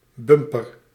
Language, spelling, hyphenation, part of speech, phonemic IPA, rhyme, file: Dutch, bumper, bum‧per, noun, /ˈbʏmpər/, -ʏmpər, Nl-bumper.ogg
- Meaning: bumper of a car, fender